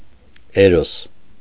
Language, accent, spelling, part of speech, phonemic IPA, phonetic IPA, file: Armenian, Eastern Armenian, Էրոս, proper noun, /eˈɾos/, [eɾós], Hy-Էրոս.ogg
- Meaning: Eros